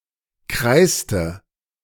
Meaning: inflection of kreißen: 1. first/third-person singular preterite 2. first/third-person singular subjunctive II
- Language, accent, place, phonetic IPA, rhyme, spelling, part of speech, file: German, Germany, Berlin, [ˈkʁaɪ̯stə], -aɪ̯stə, kreißte, verb, De-kreißte.ogg